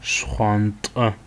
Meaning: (adjective) blue; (noun) blue color
- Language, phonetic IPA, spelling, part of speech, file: Adyghe, [ʃχʷaːntʼa], шхъуантӏэ, adjective / noun, Ʃχʷaːntʼa.ogg